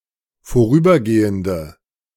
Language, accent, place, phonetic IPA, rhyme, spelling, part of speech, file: German, Germany, Berlin, [foˈʁyːbɐˌɡeːəndə], -yːbɐɡeːəndə, vorübergehende, adjective, De-vorübergehende.ogg
- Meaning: inflection of vorübergehend: 1. strong/mixed nominative/accusative feminine singular 2. strong nominative/accusative plural 3. weak nominative all-gender singular